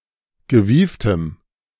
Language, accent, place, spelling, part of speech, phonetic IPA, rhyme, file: German, Germany, Berlin, gewieftem, adjective, [ɡəˈviːftəm], -iːftəm, De-gewieftem.ogg
- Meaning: strong dative masculine/neuter singular of gewieft